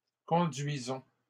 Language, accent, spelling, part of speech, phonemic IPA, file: French, Canada, conduisons, verb, /kɔ̃.dɥi.zɔ̃/, LL-Q150 (fra)-conduisons.wav
- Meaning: inflection of conduire: 1. first-person plural present indicative 2. first-person plural imperative